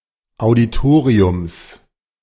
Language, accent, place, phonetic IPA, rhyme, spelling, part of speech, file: German, Germany, Berlin, [aʊ̯diˈtoːʁiʊms], -oːʁiʊms, Auditoriums, noun, De-Auditoriums.ogg
- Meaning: genitive singular of Auditorium